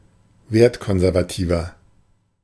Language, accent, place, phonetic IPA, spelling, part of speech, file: German, Germany, Berlin, [ˈveːɐ̯tˌkɔnzɛʁvaˌtiːvɐ], wertkonservativer, adjective, De-wertkonservativer.ogg
- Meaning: 1. comparative degree of wertkonservativ 2. inflection of wertkonservativ: strong/mixed nominative masculine singular 3. inflection of wertkonservativ: strong genitive/dative feminine singular